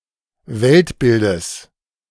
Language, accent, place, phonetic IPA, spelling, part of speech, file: German, Germany, Berlin, [ˈvɛltˌbɪldəs], Weltbildes, noun, De-Weltbildes.ogg
- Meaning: genitive of Weltbild